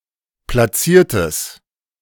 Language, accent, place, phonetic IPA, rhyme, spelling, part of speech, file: German, Germany, Berlin, [plaˈt͡siːɐ̯təs], -iːɐ̯təs, platziertes, adjective, De-platziertes.ogg
- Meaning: strong/mixed nominative/accusative neuter singular of platziert